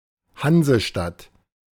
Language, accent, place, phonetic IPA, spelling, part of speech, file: German, Germany, Berlin, [ˈhanzəˌʃtat], Hansestadt, noun, De-Hansestadt.ogg
- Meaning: Hanseatic city